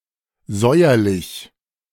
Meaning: sour
- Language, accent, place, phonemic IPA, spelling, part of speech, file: German, Germany, Berlin, /zɔɪ̯ɐlɪç/, säuerlich, adjective, De-säuerlich.ogg